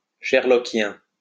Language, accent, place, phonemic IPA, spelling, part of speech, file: French, France, Lyon, /ʃɛʁ.lɔ.kjɛ̃/, sherlockien, adjective, LL-Q150 (fra)-sherlockien.wav
- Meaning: Sherlockian